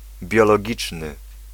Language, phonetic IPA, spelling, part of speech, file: Polish, [ˌbʲjɔlɔˈɟit͡ʃnɨ], biologiczny, adjective, Pl-biologiczny.ogg